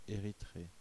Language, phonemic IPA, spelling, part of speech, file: French, /e.ʁi.tʁe/, Érythrée, proper noun, Fr-Érythrée.oga
- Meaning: 1. ellipsis of la mer Érythrée (“the Erythraean Sea”) 2. Eritrea (a country in East Africa, on the Red Sea) 3. Erythraea (a town in ancient Crete)